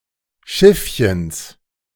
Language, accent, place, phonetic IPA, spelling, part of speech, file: German, Germany, Berlin, [ˈʃɪfçəns], Schiffchens, noun, De-Schiffchens.ogg
- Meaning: genitive of Schiffchen